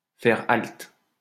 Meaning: to halt, to stop (somewhere)
- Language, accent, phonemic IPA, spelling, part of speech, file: French, France, /fɛʁ alt/, faire halte, verb, LL-Q150 (fra)-faire halte.wav